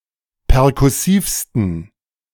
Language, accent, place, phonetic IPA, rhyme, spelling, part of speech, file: German, Germany, Berlin, [pɛʁkʊˈsiːfstn̩], -iːfstn̩, perkussivsten, adjective, De-perkussivsten.ogg
- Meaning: 1. superlative degree of perkussiv 2. inflection of perkussiv: strong genitive masculine/neuter singular superlative degree